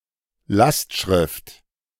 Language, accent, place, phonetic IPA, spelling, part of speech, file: German, Germany, Berlin, [ˈlastˌʃʁɪft], Lastschrift, noun, De-Lastschrift.ogg
- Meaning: direct debit